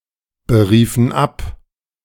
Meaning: inflection of abberufen: 1. first/third-person plural preterite 2. first/third-person plural subjunctive II
- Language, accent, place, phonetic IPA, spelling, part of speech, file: German, Germany, Berlin, [bəˌʁiːfn̩ ˈap], beriefen ab, verb, De-beriefen ab.ogg